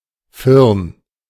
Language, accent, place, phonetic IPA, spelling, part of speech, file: German, Germany, Berlin, [ˈfɪʁn], firn, adjective, De-firn.ogg
- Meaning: aged